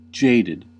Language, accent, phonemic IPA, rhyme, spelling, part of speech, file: English, US, /ˈd͡ʒeɪdɪd/, -eɪdɪd, jaded, adjective / verb, En-us-jaded.ogg
- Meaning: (adjective) Bored or lacking enthusiasm, typically after having been overexposed to, or having consumed too much of something